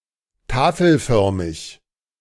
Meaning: tabular; in the form of a table, slab or plate
- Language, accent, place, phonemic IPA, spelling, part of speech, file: German, Germany, Berlin, /ˈtaːfl̩ˌfœʁmɪç/, tafelförmig, adjective, De-tafelförmig.ogg